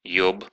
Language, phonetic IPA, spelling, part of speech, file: Russian, [jɵp], ёб, interjection / verb, Ru-ёб.ogg
- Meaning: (interjection) fuck!; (verb) masculine singular past indicative imperfective of еба́ть (jebátʹ)